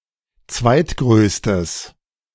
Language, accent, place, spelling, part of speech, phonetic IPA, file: German, Germany, Berlin, zweitgrößtes, adjective, [ˈt͡svaɪ̯tˌɡʁøːstəs], De-zweitgrößtes.ogg
- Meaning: strong/mixed nominative/accusative neuter singular of zweitgrößter